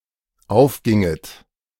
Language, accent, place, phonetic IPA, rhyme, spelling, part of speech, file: German, Germany, Berlin, [ˈaʊ̯fˌɡɪŋət], -aʊ̯fɡɪŋət, aufginget, verb, De-aufginget.ogg
- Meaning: second-person plural dependent subjunctive II of aufgehen